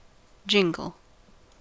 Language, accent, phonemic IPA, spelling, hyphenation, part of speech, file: English, General American, /ˈd͡ʒɪŋɡ(ə)l/, jingle, jing‧le, noun / verb, En-us-jingle.ogg
- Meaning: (noun) The sound of metal or glass clattering against itself